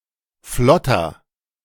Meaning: 1. comparative degree of flott 2. inflection of flott: strong/mixed nominative masculine singular 3. inflection of flott: strong genitive/dative feminine singular
- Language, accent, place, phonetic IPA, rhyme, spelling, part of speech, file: German, Germany, Berlin, [ˈflɔtɐ], -ɔtɐ, flotter, adjective, De-flotter.ogg